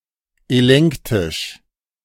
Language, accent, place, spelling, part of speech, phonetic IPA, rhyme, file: German, Germany, Berlin, elenktisch, adjective, [eˈlɛŋktɪʃ], -ɛŋktɪʃ, De-elenktisch.ogg
- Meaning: elenctic